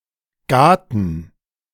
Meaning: plural of Gate
- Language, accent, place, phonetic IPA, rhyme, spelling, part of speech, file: German, Germany, Berlin, [ˈɡatn̩], -atn̩, Gaten, noun, De-Gaten.ogg